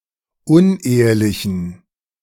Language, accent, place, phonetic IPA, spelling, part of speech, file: German, Germany, Berlin, [ˈʊnˌʔeːəlɪçn̩], unehelichen, adjective, De-unehelichen.ogg
- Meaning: inflection of unehelich: 1. strong genitive masculine/neuter singular 2. weak/mixed genitive/dative all-gender singular 3. strong/weak/mixed accusative masculine singular 4. strong dative plural